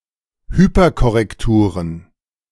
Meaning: plural of Hyperkorrektur
- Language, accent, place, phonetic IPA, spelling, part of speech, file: German, Germany, Berlin, [ˈhyːpɐkɔʁɛkˌtuːʁən], Hyperkorrekturen, noun, De-Hyperkorrekturen.ogg